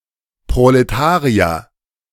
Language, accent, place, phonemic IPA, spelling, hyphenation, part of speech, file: German, Germany, Berlin, /pʁoleˈtaːʁiɐ/, Proletarier, Pro‧le‧ta‧ri‧er, noun, De-Proletarier.ogg
- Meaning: proletarian, worker